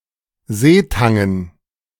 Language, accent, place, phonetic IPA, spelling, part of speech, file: German, Germany, Berlin, [ˈzeːˌtaŋən], Seetangen, noun, De-Seetangen.ogg
- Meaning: dative plural of Seetang